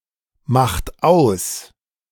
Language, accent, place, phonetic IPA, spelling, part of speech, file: German, Germany, Berlin, [ˌmaxt ˈaʊ̯s], macht aus, verb, De-macht aus.ogg
- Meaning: inflection of ausmachen: 1. third-person singular present 2. second-person plural present 3. plural imperative